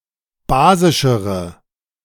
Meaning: inflection of basisch: 1. strong/mixed nominative/accusative feminine singular comparative degree 2. strong nominative/accusative plural comparative degree
- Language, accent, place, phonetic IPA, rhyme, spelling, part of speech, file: German, Germany, Berlin, [ˈbaːzɪʃəʁə], -aːzɪʃəʁə, basischere, adjective, De-basischere.ogg